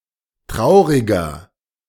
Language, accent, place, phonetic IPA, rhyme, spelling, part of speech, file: German, Germany, Berlin, [ˈtʁaʊ̯ʁɪɡɐ], -aʊ̯ʁɪɡɐ, trauriger, adjective, De-trauriger.ogg
- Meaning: 1. comparative degree of traurig 2. inflection of traurig: strong/mixed nominative masculine singular 3. inflection of traurig: strong genitive/dative feminine singular